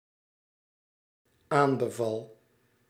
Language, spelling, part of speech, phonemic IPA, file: Dutch, aanbeval, verb, /ˈambəˌvɑl/, Nl-aanbeval.ogg
- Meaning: singular dependent-clause past indicative of aanbevelen